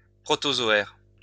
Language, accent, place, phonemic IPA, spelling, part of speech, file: French, France, Lyon, /pʁɔ.to.zɔ.ɛʁ/, protozoaire, adjective, LL-Q150 (fra)-protozoaire.wav
- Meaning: protozoan